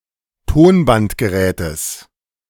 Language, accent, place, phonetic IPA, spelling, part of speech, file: German, Germany, Berlin, [ˈtoːnbantɡəˌʁɛːtəs], Tonbandgerätes, noun, De-Tonbandgerätes.ogg
- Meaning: genitive of Tonbandgerät